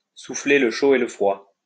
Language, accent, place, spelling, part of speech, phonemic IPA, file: French, France, Lyon, souffler le chaud et le froid, verb, /su.fle l(ə) ʃo e lə fʁwa/, LL-Q150 (fra)-souffler le chaud et le froid.wav
- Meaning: to blow hot and cold